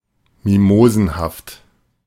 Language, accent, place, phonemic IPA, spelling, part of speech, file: German, Germany, Berlin, /ˈmimoːzn̩haft/, mimosenhaft, adjective, De-mimosenhaft.ogg
- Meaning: oversensitive